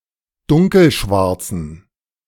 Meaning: inflection of dunkelschwarz: 1. strong genitive masculine/neuter singular 2. weak/mixed genitive/dative all-gender singular 3. strong/weak/mixed accusative masculine singular 4. strong dative plural
- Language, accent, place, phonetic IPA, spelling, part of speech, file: German, Germany, Berlin, [ˈdʊŋkl̩ˌʃvaʁt͡sn̩], dunkelschwarzen, adjective, De-dunkelschwarzen.ogg